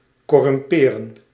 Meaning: to corrupt, to spoil, or to rot
- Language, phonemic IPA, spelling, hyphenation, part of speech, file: Dutch, /kɔˈrʏmpeː.rə(n)/, corrumperen, cor‧rum‧pe‧ren, verb, Nl-corrumperen.ogg